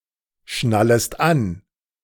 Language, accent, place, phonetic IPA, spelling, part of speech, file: German, Germany, Berlin, [ˌʃnaləst ˈan], schnallest an, verb, De-schnallest an.ogg
- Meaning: second-person singular subjunctive I of anschnallen